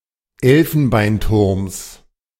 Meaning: genitive singular of Elfenbeinturm
- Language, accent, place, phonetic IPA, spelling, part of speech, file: German, Germany, Berlin, [ˈɛlfn̩baɪ̯nˌtʊʁms], Elfenbeinturms, noun, De-Elfenbeinturms.ogg